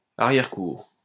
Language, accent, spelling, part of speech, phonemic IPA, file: French, France, arrière-cour, noun, /a.ʁjɛʁ.kuʁ/, LL-Q150 (fra)-arrière-cour.wav
- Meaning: 1. backyard (of a house) 2. rear courtyard (of a mansion etc)